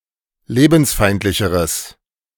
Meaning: strong/mixed nominative/accusative neuter singular comparative degree of lebensfeindlich
- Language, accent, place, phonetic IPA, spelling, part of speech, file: German, Germany, Berlin, [ˈleːbn̩sˌfaɪ̯ntlɪçəʁəs], lebensfeindlicheres, adjective, De-lebensfeindlicheres.ogg